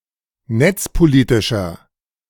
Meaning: inflection of netzpolitisch: 1. strong/mixed nominative masculine singular 2. strong genitive/dative feminine singular 3. strong genitive plural
- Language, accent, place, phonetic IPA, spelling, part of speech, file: German, Germany, Berlin, [ˈnɛt͡spoˌliːtɪʃɐ], netzpolitischer, adjective, De-netzpolitischer.ogg